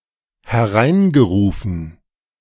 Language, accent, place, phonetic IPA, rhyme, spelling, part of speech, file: German, Germany, Berlin, [hɛˈʁaɪ̯nɡəˌʁuːfn̩], -aɪ̯nɡəʁuːfn̩, hereingerufen, verb, De-hereingerufen.ogg
- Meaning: past participle of hereinrufen